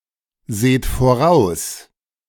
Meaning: inflection of voraussehen: 1. second-person plural present 2. plural imperative
- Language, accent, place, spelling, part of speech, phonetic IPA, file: German, Germany, Berlin, seht voraus, verb, [ˌzeːt foˈʁaʊ̯s], De-seht voraus.ogg